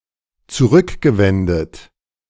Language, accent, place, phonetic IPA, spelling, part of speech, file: German, Germany, Berlin, [t͡suˈʁʏkɡəˌvɛndət], zurückgewendet, verb, De-zurückgewendet.ogg
- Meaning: past participle of zurückwenden